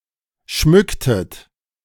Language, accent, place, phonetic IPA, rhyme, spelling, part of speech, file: German, Germany, Berlin, [ˈʃmʏktət], -ʏktət, schmücktet, verb, De-schmücktet.ogg
- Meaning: inflection of schmücken: 1. second-person plural preterite 2. second-person plural subjunctive II